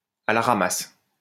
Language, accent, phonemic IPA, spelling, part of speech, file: French, France, /a la ʁa.mas/, à la ramasse, adjective, LL-Q150 (fra)-à la ramasse.wav
- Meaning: behind the times, lagging behind